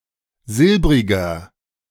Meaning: 1. comparative degree of silbrig 2. inflection of silbrig: strong/mixed nominative masculine singular 3. inflection of silbrig: strong genitive/dative feminine singular
- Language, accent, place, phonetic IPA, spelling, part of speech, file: German, Germany, Berlin, [ˈzɪlbʁɪɡɐ], silbriger, adjective, De-silbriger.ogg